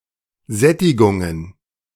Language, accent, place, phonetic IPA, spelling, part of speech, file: German, Germany, Berlin, [ˈzɛtɪɡʊŋən], Sättigungen, noun, De-Sättigungen.ogg
- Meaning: plural of Sättigung